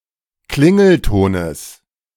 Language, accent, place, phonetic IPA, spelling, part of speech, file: German, Germany, Berlin, [ˈklɪŋl̩ˌtoːnəs], Klingeltones, noun, De-Klingeltones.ogg
- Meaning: genitive singular of Klingelton